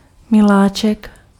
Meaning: darling, sweetheart
- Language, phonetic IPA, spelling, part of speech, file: Czech, [ˈmɪlaːt͡ʃɛk], miláček, noun, Cs-miláček.ogg